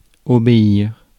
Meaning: 1. to obey (+ à a person) 2. to obey, to follow (+ à a rule or instruction)
- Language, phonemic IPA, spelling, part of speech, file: French, /ɔ.be.iʁ/, obéir, verb, Fr-obéir.ogg